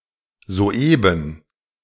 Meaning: just now, quite recently (moments ago)
- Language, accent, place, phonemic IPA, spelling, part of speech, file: German, Germany, Berlin, /zoːˈʔeːbən/, soeben, adverb, De-soeben.ogg